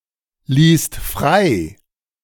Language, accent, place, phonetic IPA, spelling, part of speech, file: German, Germany, Berlin, [ˌliːst ˈfʁaɪ̯], ließt frei, verb, De-ließt frei.ogg
- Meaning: second-person singular/plural preterite of freilassen